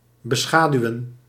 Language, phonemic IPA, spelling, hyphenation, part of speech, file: Dutch, /bəˈsxaː.dyu̯ə(n)/, beschaduwen, be‧scha‧du‧wen, verb, Nl-beschaduwen.ogg
- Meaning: to beshadow, to cover with shadow, to provide with shade